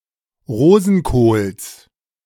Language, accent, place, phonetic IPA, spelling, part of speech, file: German, Germany, Berlin, [ˈʁoːzn̩koːls], Rosenkohls, noun, De-Rosenkohls.ogg
- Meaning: genitive singular of Rosenkohl